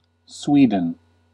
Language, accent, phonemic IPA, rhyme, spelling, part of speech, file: English, US, /ˈswi.dən/, -iːdən, Sweden, proper noun, En-us-Sweden.ogg
- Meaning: 1. A country in Scandinavia in Northern Europe. Official name: Kingdom of Sweden. Capital: Stockholm 2. A place in the United States, including